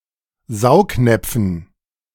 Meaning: dative plural of Saugnapf
- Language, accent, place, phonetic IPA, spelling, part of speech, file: German, Germany, Berlin, [ˈzaʊ̯kˌnɛp͡fn̩], Saugnäpfen, noun, De-Saugnäpfen.ogg